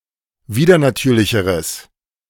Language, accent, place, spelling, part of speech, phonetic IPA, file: German, Germany, Berlin, widernatürlicheres, adjective, [ˈviːdɐnaˌtyːɐ̯lɪçəʁəs], De-widernatürlicheres.ogg
- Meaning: strong/mixed nominative/accusative neuter singular comparative degree of widernatürlich